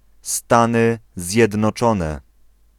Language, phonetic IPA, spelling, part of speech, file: Polish, [ˈstãnɨ ˌzʲjɛdnɔˈt͡ʃɔ̃nɛ], Stany Zjednoczone, proper noun, Pl-Stany Zjednoczone.ogg